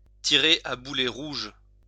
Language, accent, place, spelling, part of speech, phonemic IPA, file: French, France, Lyon, tirer à boulets rouges, verb, /ti.ʁe a bu.lɛ ʁuʒ/, LL-Q150 (fra)-tirer à boulets rouges.wav
- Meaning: to cast aspersions, to level constant criticism, to let fly